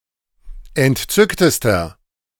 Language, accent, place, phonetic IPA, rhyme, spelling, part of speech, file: German, Germany, Berlin, [ɛntˈt͡sʏktəstɐ], -ʏktəstɐ, entzücktester, adjective, De-entzücktester.ogg
- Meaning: inflection of entzückt: 1. strong/mixed nominative masculine singular superlative degree 2. strong genitive/dative feminine singular superlative degree 3. strong genitive plural superlative degree